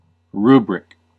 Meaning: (noun) 1. A heading in a book highlighted in red 2. A title of a category or a class 3. The directions for a religious service, formerly printed in red letters
- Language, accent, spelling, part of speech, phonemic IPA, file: English, US, rubric, noun / adjective / verb, /ˈɹuːbɹɪk/, En-us-rubric.ogg